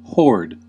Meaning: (noun) A wandering troop or gang; especially, a clan or tribe of a nomadic people (originally Tatars) migrating from place to place for the sake of pasturage, plunder, etc.; a predatory multitude
- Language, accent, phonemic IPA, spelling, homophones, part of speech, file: English, US, /hɔɹd/, horde, hoard / whored, noun / verb, En-us-horde.ogg